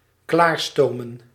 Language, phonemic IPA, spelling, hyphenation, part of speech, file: Dutch, /ˈklaːrˌstoː.mə(n)/, klaarstomen, klaar‧sto‧men, verb, Nl-klaarstomen.ogg
- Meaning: to rapidly prepare, to quickly make ready